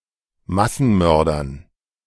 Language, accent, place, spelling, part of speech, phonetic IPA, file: German, Germany, Berlin, Massenmördern, noun, [ˈmasn̩ˌmœʁdɐn], De-Massenmördern.ogg
- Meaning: dative plural of Massenmörder